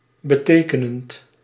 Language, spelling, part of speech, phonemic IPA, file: Dutch, betekenend, verb, /bə.ˈteː.kə.nənt/, Nl-betekenend.ogg
- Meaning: present participle of betekenen